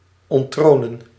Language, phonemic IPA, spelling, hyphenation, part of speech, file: Dutch, /ˌɔnˈtroː.nə(n)/, onttronen, ont‧tro‧nen, verb, Nl-onttronen.ogg
- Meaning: to dethrone